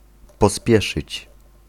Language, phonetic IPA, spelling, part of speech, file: Polish, [pɔˈspʲjɛʃɨt͡ɕ], pospieszyć, verb, Pl-pospieszyć.ogg